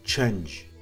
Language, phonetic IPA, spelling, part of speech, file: Kabardian, [t͡ʃanʒ], чэнж, adjective, Чэнж.ogg
- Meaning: shallow